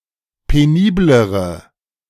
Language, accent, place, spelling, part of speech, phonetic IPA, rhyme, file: German, Germany, Berlin, peniblere, adjective, [peˈniːbləʁə], -iːbləʁə, De-peniblere.ogg
- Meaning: inflection of penibel: 1. strong/mixed nominative/accusative feminine singular comparative degree 2. strong nominative/accusative plural comparative degree